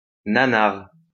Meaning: A "so bad it's good" movie, both bad and unintentionally funny
- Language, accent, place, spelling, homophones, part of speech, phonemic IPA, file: French, France, Lyon, nanar, nanars, noun, /na.naʁ/, LL-Q150 (fra)-nanar.wav